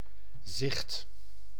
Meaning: 1. sight, view, vision 2. sickle (short scythe)
- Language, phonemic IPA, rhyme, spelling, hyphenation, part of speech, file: Dutch, /zɪxt/, -ɪxt, zicht, zicht, noun, Nl-zicht.ogg